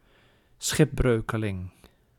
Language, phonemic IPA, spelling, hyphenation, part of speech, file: Dutch, /ˈsxɪpˌbrøː.kə.lɪŋ/, schipbreukeling, schip‧breu‧ke‧ling, noun, Nl-schipbreukeling.ogg
- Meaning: a castaway, a shipwrecked sailor or passenger